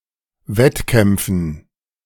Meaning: dative plural of Wettkampf
- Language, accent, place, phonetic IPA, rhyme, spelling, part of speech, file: German, Germany, Berlin, [ˈvɛtˌkɛmp͡fn̩], -ɛtkɛmp͡fn̩, Wettkämpfen, noun, De-Wettkämpfen.ogg